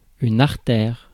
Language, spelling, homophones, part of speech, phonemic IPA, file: French, artère, artères, noun, /aʁ.tɛʁ/, Fr-artère.ogg
- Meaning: 1. artery (“blood vessel”) 2. arterial, thoroughfare